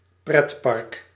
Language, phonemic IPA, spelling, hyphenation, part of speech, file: Dutch, /ˈprɛt.pɑrk/, pretpark, pret‧park, noun, Nl-pretpark.ogg
- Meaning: amusement park